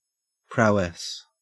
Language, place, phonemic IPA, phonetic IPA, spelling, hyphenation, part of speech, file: English, Queensland, /ˈpɹæɔəs/, [ˈpɹæɔɜs], prowess, prow‧ess, noun, En-au-prowess.ogg
- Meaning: 1. Skillfulness or extraordinary ability in a particular area of expertise; dexterity, mastery, or proficiency 2. Distinguished bravery or courage, especially in battle; heroism